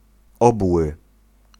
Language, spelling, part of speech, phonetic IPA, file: Polish, obły, adjective, [ˈɔbwɨ], Pl-obły.ogg